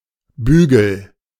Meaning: a bent or curved piece of metal (or less often other material), a bail, bow, ring, specifically: 1. a handle such as that of a bucket 2. an arm of glasses 3. ellipsis of Kleiderbügel: clothes hanger
- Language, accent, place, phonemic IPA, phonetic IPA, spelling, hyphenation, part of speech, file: German, Germany, Berlin, /ˈbyːɡəl/, [ˈbyː.ɡl̩], Bügel, Bü‧gel, noun, De-Bügel.ogg